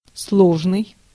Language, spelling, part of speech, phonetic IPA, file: Russian, сложный, adjective, [ˈsɫoʐnɨj], Ru-сложный.ogg
- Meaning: 1. complex, compound 2. complicated, intricate